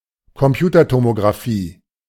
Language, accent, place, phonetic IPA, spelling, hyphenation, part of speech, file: German, Germany, Berlin, [kɔmˈpjuːtɐtomoɡʁaˌfiː], Computertomographie, Com‧pu‧ter‧to‧mo‧gra‧phie, noun, De-Computertomographie.ogg
- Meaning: computed tomography